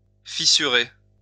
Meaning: 1. to fissure 2. to crack
- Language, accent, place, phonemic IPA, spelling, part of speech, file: French, France, Lyon, /fi.sy.ʁe/, fissurer, verb, LL-Q150 (fra)-fissurer.wav